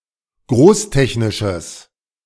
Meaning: strong/mixed nominative/accusative neuter singular of großtechnisch
- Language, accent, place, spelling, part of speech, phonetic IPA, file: German, Germany, Berlin, großtechnisches, adjective, [ˈɡʁoːsˌtɛçnɪʃəs], De-großtechnisches.ogg